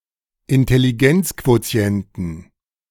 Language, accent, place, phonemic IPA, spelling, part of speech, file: German, Germany, Berlin, /ɪntɛliˈɡɛnt͡skvoˌt͡si̯ɛntn̩/, Intelligenzquotienten, noun, De-Intelligenzquotienten.ogg
- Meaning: inflection of Intelligenzquotient: 1. genitive/dative/accusative singular 2. plural